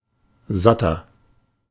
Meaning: inflection of satt: 1. strong/mixed nominative masculine singular 2. strong genitive/dative feminine singular 3. strong genitive plural
- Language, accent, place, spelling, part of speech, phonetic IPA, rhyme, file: German, Germany, Berlin, satter, adjective, [ˈzatɐ], -atɐ, De-satter.ogg